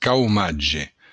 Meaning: unemployment
- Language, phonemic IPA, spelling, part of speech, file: Occitan, /kawˈmadʒe/, caumatge, noun, LL-Q942602-caumatge.wav